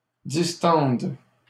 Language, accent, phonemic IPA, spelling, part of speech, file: French, Canada, /dis.tɑ̃d/, distende, verb, LL-Q150 (fra)-distende.wav
- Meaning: first/third-person singular present subjunctive of distendre